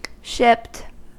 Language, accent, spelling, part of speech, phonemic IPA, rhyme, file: English, US, shipped, adjective / verb, /ʃɪpt/, -ɪpt, En-us-shipped.ogg
- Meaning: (adjective) 1. Aboard a ship or other conveyance, as part of the cargo 2. on board a ship, as a passenger 3. Furnished with a ship or ships; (verb) simple past and past participle of ship